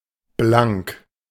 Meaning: 1. bright 2. spotlessly clean, shining, polished 3. bare, naked, uncovered 4. pure, sheer 5. broke, out of money
- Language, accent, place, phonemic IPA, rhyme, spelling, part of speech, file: German, Germany, Berlin, /blaŋk/, -aŋk, blank, adjective, De-blank.ogg